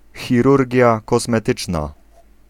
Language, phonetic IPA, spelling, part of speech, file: Polish, [xʲiˈrurʲɟja ˌkɔsmɛˈtɨt͡ʃna], chirurgia kosmetyczna, noun, Pl-chirurgia kosmetyczna.ogg